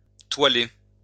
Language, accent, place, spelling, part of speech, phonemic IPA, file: French, France, Lyon, toiler, verb, /twa.le/, LL-Q150 (fra)-toiler.wav
- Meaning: 1. to cover with cloth 2. to extent the sail of a watercraft